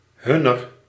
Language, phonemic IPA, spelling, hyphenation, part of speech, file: Dutch, /ˈɦʏ.nər/, hunner, hun‧ner, determiner / pronoun, Nl-hunner.ogg
- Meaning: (determiner) inflection of hun (“their”): 1. genitive feminine/plural 2. dative feminine; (pronoun) genitive of zij (“they”)